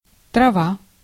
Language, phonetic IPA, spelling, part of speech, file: Russian, [trɐˈva], трава, noun, Ru-трава.ogg
- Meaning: 1. grass 2. herb 3. weed 4. marijuana, weed; any other plant drug